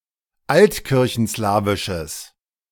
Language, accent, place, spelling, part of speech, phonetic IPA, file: German, Germany, Berlin, altkirchenslawisches, adjective, [ˈaltkɪʁçn̩ˌslaːvɪʃəs], De-altkirchenslawisches.ogg
- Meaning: strong/mixed nominative/accusative neuter singular of altkirchenslawisch